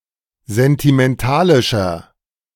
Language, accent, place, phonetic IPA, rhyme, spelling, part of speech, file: German, Germany, Berlin, [zɛntimɛnˈtaːlɪʃɐ], -aːlɪʃɐ, sentimentalischer, adjective, De-sentimentalischer.ogg
- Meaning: 1. comparative degree of sentimentalisch 2. inflection of sentimentalisch: strong/mixed nominative masculine singular 3. inflection of sentimentalisch: strong genitive/dative feminine singular